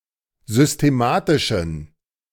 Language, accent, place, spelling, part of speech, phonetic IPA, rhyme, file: German, Germany, Berlin, systematischen, adjective, [zʏsteˈmaːtɪʃn̩], -aːtɪʃn̩, De-systematischen.ogg
- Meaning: inflection of systematisch: 1. strong genitive masculine/neuter singular 2. weak/mixed genitive/dative all-gender singular 3. strong/weak/mixed accusative masculine singular 4. strong dative plural